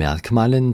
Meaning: dative plural of Merkmal
- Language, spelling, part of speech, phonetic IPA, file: German, Merkmalen, noun, [ˈmɛʁkˌmaːlən], De-Merkmalen.ogg